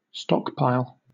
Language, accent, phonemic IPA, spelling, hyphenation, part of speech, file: English, Southern England, /ˈstɒkpaɪl/, stockpile, stock‧pile, noun / verb, LL-Q1860 (eng)-stockpile.wav
- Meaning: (noun) A supply (especially a large one) of something kept for future use, specifically in case the cost of the item increases or if there a shortage